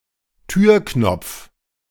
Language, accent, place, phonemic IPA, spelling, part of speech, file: German, Germany, Berlin, /ˈtyːrknɔpf/, Türknopf, noun, De-Türknopf.ogg
- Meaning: doorknob